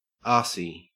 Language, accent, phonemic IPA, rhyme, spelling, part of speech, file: English, Australia, /ˈɑː(ɹ)si/, -ɑː(ɹ)si, arsey, adjective, En-au-arsey.ogg
- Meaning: 1. Unpleasant, especially in a sarcastic, grumpy or haughty manner 2. Lucky